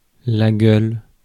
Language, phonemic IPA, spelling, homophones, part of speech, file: French, /ɡœl/, gueule, gueules, noun / verb, Fr-gueule.ogg
- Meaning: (noun) 1. gullet, snout, face (of an animal) 2. mug (a person's face) 3. mouth; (verb) inflection of gueuler: first/third-person singular present indicative/subjunctive